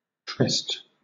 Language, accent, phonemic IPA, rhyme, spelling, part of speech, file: English, Southern England, /tɹɪst/, -ɪst, trist, noun / verb / adjective, LL-Q1860 (eng)-trist.wav
- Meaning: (noun) Trust, faith; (verb) To trust, have faith in; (noun) 1. A set station in hunting 2. Obsolete form of tryst (“secret meeting”); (adjective) Alternative form of triste (“sad; sorrowful; gloomy”)